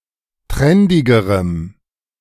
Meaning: strong dative masculine/neuter singular comparative degree of trendig
- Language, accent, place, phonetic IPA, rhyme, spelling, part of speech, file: German, Germany, Berlin, [ˈtʁɛndɪɡəʁəm], -ɛndɪɡəʁəm, trendigerem, adjective, De-trendigerem.ogg